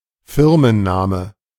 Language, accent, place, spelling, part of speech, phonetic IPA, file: German, Germany, Berlin, Firmenname, noun, [ˈfɪʁmənˌnaːmə], De-Firmenname.ogg
- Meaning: company name